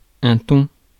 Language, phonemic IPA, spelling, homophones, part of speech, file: French, /tɔ̃/, thon, thons / ton / tond / tonds / tons, noun, Fr-thon.ogg
- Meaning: 1. tuna 2. an ugly woman